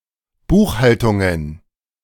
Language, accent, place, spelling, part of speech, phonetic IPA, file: German, Germany, Berlin, Buchhaltungen, noun, [ˈbuːxˌhaltʊŋən], De-Buchhaltungen.ogg
- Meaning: plural of Buchhaltung